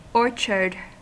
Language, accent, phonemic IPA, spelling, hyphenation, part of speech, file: English, US, /ˈɔɹ.t͡ʃɚd/, orchard, or‧chard, noun, En-us-orchard.ogg
- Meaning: 1. A garden or an area of land for the cultivation of fruit or nut trees 2. The trees themselves cultivated in such an area